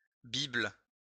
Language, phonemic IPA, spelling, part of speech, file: French, /bibl/, bible, noun, LL-Q150 (fra)-bible.wav
- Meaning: bible (comprehensive text)